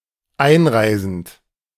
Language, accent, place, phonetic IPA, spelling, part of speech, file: German, Germany, Berlin, [ˈaɪ̯nˌʁaɪ̯zn̩t], einreisend, verb, De-einreisend.ogg
- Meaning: present participle of einreisen